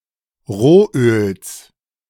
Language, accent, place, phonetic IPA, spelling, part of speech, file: German, Germany, Berlin, [ˈʁoːˌʔøːls], Rohöls, noun, De-Rohöls.ogg
- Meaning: genitive singular of Rohöl